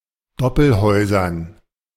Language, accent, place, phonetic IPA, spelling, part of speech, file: German, Germany, Berlin, [ˈdɔpl̩ˌhɔɪ̯zɐn], Doppelhäusern, noun, De-Doppelhäusern.ogg
- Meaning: dative plural of Doppelhaus